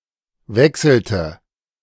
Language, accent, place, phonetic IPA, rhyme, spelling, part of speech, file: German, Germany, Berlin, [ˈvɛksl̩tə], -ɛksl̩tə, wechselte, verb, De-wechselte.ogg
- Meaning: inflection of wechseln: 1. first/third-person singular preterite 2. first/third-person singular subjunctive II